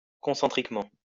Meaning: concentrically
- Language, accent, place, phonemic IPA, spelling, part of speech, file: French, France, Lyon, /kɔ̃.sɑ̃.tʁik.mɑ̃/, concentriquement, adverb, LL-Q150 (fra)-concentriquement.wav